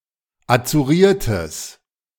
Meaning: strong/mixed nominative/accusative neuter singular of azuriert
- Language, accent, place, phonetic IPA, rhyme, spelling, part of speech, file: German, Germany, Berlin, [at͡suˈʁiːɐ̯təs], -iːɐ̯təs, azuriertes, adjective, De-azuriertes.ogg